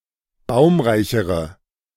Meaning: inflection of baumreich: 1. strong/mixed nominative/accusative feminine singular comparative degree 2. strong nominative/accusative plural comparative degree
- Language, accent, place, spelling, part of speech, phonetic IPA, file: German, Germany, Berlin, baumreichere, adjective, [ˈbaʊ̯mʁaɪ̯çəʁə], De-baumreichere.ogg